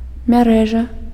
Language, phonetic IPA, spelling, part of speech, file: Belarusian, [mʲaˈrɛʐa], мярэжа, noun, Be-мярэжа.ogg
- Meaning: 1. net 2. network